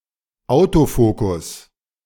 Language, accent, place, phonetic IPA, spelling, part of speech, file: German, Germany, Berlin, [ˈaʊ̯toˌfoːkʊs], Autofokus, noun, De-Autofokus.ogg
- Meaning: autofocus